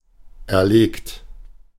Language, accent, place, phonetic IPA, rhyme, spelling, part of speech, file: German, Germany, Berlin, [ɛɐ̯ˈleːkt], -eːkt, erlegt, verb, De-erlegt.ogg
- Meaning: 1. past participle of erlegen 2. inflection of erlegen: second-person plural present 3. inflection of erlegen: third-person singular present 4. inflection of erlegen: plural imperative